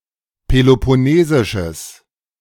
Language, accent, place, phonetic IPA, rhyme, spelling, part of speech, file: German, Germany, Berlin, [pelopɔˈneːzɪʃəs], -eːzɪʃəs, peloponnesisches, adjective, De-peloponnesisches.ogg
- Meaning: strong/mixed nominative/accusative neuter singular of peloponnesisch